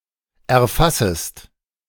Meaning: second-person singular subjunctive I of erfassen
- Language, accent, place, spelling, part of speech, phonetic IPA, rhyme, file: German, Germany, Berlin, erfassest, verb, [ɛɐ̯ˈfasəst], -asəst, De-erfassest.ogg